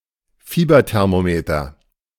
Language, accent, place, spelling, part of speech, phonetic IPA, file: German, Germany, Berlin, Fieberthermometer, noun, [ˈfiːbɐtɛʁmoˌmeːtɐ], De-Fieberthermometer.ogg
- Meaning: medical thermometer